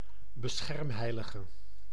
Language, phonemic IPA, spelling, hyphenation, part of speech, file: Dutch, /bəˈsxɛrmˌɦɛi̯.lə.ɣə/, beschermheilige, be‧scherm‧hei‧li‧ge, noun, Nl-beschermheilige.ogg
- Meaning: patron saint